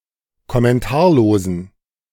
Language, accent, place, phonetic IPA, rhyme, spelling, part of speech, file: German, Germany, Berlin, [kɔmɛnˈtaːɐ̯loːzn̩], -aːɐ̯loːzn̩, kommentarlosen, adjective, De-kommentarlosen.ogg
- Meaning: inflection of kommentarlos: 1. strong genitive masculine/neuter singular 2. weak/mixed genitive/dative all-gender singular 3. strong/weak/mixed accusative masculine singular 4. strong dative plural